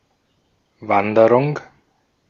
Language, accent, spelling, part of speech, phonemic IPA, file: German, Austria, Wanderung, noun, /ˈvandəʁʊŋ/, De-at-Wanderung.ogg
- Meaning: 1. journey 2. walk, hike 3. migration